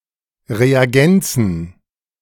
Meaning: genitive singular of Reagenz
- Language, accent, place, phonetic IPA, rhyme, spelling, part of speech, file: German, Germany, Berlin, [ʁeaˈɡɛnt͡səs], -ɛnt͡səs, Reagenzes, noun, De-Reagenzes.ogg